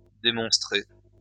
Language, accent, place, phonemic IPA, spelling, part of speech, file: French, France, Lyon, /de.mɔ̃s.tʁe/, demonstrer, verb, LL-Q150 (fra)-demonstrer.wav
- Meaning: archaic spelling of démontrer